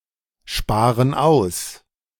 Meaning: inflection of aussparen: 1. first/third-person plural present 2. first/third-person plural subjunctive I
- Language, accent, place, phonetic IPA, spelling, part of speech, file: German, Germany, Berlin, [ˌʃpaːʁən ˈaʊ̯s], sparen aus, verb, De-sparen aus.ogg